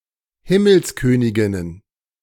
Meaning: plural of Himmelskönigin
- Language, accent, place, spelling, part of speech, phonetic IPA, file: German, Germany, Berlin, Himmelsköniginnen, noun, [ˈhɪməlsˌkøːnɪɡɪnən], De-Himmelsköniginnen.ogg